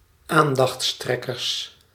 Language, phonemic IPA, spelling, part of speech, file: Dutch, /ˈandɑx(t)sˌtrɛkərs/, aandachtstrekkers, noun, Nl-aandachtstrekkers.ogg
- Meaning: plural of aandachtstrekker